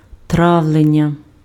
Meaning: digestion (process in gastrointestinal tract)
- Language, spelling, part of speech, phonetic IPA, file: Ukrainian, травлення, noun, [ˈtrau̯ɫenʲːɐ], Uk-травлення.ogg